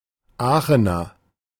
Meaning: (noun) Aachener (native or inhabitant of the city of Aachen, North Rhine-Westphalia, Germany) (usually male); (adjective) of, from or relating to the city of Aachen, North Rhine-Westphalia, Germany
- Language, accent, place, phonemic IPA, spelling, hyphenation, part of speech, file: German, Germany, Berlin, /ˈaːxənɐ/, Aachener, Aa‧che‧ner, noun / adjective, De-Aachener.ogg